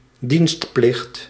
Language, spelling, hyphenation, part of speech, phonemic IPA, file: Dutch, dienstplicht, dienst‧plicht, noun, /ˈdinst.plɪxt/, Nl-dienstplicht.ogg
- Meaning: conscription, mandated military service